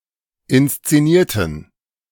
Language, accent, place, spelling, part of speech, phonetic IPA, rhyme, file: German, Germany, Berlin, inszenierten, adjective / verb, [ɪnst͡seˈniːɐ̯tn̩], -iːɐ̯tn̩, De-inszenierten.ogg
- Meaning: inflection of inszenieren: 1. first/third-person plural preterite 2. first/third-person plural subjunctive II